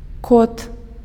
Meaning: cat, tomcat
- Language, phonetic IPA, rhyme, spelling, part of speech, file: Belarusian, [kot], -ot, кот, noun, Be-кот.ogg